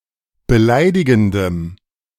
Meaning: strong dative masculine/neuter singular of beleidigend
- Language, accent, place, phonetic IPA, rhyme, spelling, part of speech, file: German, Germany, Berlin, [bəˈlaɪ̯dɪɡn̩dəm], -aɪ̯dɪɡn̩dəm, beleidigendem, adjective, De-beleidigendem.ogg